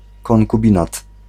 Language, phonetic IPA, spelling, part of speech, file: Polish, [ˌkɔ̃ŋkuˈbʲĩnat], konkubinat, noun, Pl-konkubinat.ogg